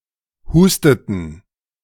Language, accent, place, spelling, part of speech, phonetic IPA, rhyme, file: German, Germany, Berlin, husteten, verb, [ˈhuːstətn̩], -uːstətn̩, De-husteten.ogg
- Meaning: inflection of husten: 1. first/third-person plural preterite 2. first/third-person plural subjunctive II